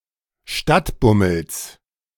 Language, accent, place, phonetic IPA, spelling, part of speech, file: German, Germany, Berlin, [ˈʃtatˌbʊml̩s], Stadtbummels, noun, De-Stadtbummels.ogg
- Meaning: genitive singular of Stadtbummel